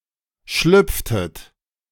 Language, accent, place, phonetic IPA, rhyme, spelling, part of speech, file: German, Germany, Berlin, [ˈʃlʏp͡ftət], -ʏp͡ftət, schlüpftet, verb, De-schlüpftet.ogg
- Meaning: inflection of schlüpfen: 1. second-person plural preterite 2. second-person plural subjunctive II